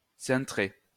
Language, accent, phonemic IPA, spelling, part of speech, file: French, France, /sɛ̃.tʁe/, cintrer, verb, LL-Q150 (fra)-cintrer.wav
- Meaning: 1. to bend 2. to vault 3. to take in